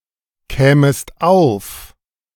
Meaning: second-person singular subjunctive II of aufkommen
- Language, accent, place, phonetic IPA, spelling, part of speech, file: German, Germany, Berlin, [ˌkɛːməst ˈaʊ̯f], kämest auf, verb, De-kämest auf.ogg